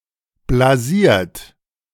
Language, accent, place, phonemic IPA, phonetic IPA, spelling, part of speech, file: German, Germany, Berlin, /blaˈziːrt/, [blaˈzi(ː)ɐ̯t], blasiert, adjective, De-blasiert.ogg
- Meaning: smug; supercilious; complacent; nonchalant (arrogantly self-involved, lacking respect for and interest in others)